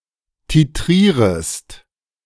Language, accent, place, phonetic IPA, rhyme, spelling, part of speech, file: German, Germany, Berlin, [tiˈtʁiːʁəst], -iːʁəst, titrierest, verb, De-titrierest.ogg
- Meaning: second-person singular subjunctive I of titrieren